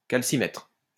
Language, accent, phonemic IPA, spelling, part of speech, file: French, France, /kal.si.mɛtʁ/, calcimètre, noun, LL-Q150 (fra)-calcimètre.wav
- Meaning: calcimeter